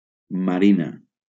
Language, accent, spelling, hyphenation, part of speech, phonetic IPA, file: Catalan, Valencia, marina, ma‧ri‧na, noun / adjective, [maˈɾi.na], LL-Q7026 (cat)-marina.wav
- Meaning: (noun) 1. female equivalent of marí (“sailor”) 2. coast 3. seascape 4. navy 5. marina; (adjective) feminine singular of marí